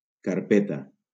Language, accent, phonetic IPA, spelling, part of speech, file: Catalan, Valencia, [kaɾˈpe.ta], carpeta, noun, LL-Q7026 (cat)-carpeta.wav
- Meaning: 1. folder 2. folder, directory